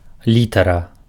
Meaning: letter (a written alphabetic character that usually denotes a particular sound of a language)
- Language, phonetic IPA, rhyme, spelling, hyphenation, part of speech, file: Belarusian, [ˈlʲitara], -itara, літара, лі‧та‧ра, noun, Be-літара.ogg